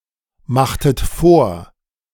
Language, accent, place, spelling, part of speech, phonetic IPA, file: German, Germany, Berlin, machtet vor, verb, [ˌmaxtət ˈfoːɐ̯], De-machtet vor.ogg
- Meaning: inflection of vormachen: 1. second-person plural preterite 2. second-person plural subjunctive II